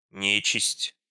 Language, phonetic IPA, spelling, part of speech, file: Russian, [ˈnʲet͡ɕɪsʲtʲ], нечисть, noun, Ru-нечисть.ogg
- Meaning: 1. evil spirits, unholy creatures 2. riffraff, scum, vermin